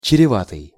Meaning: 1. fraught (with) 2. pregnant
- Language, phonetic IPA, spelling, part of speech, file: Russian, [t͡ɕrʲɪˈvatɨj], чреватый, adjective, Ru-чреватый.ogg